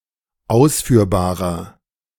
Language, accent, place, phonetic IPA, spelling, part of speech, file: German, Germany, Berlin, [ˈaʊ̯sfyːɐ̯baːʁɐ], ausführbarer, adjective, De-ausführbarer.ogg
- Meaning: inflection of ausführbar: 1. strong/mixed nominative masculine singular 2. strong genitive/dative feminine singular 3. strong genitive plural